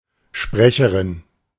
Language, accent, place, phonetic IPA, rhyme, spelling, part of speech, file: German, Germany, Berlin, [ˈʃpʁɛçəʁɪn], -ɛçəʁɪn, Sprecherin, noun, De-Sprecherin.ogg
- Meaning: female equivalent of Sprecher: spokeswoman; female speaker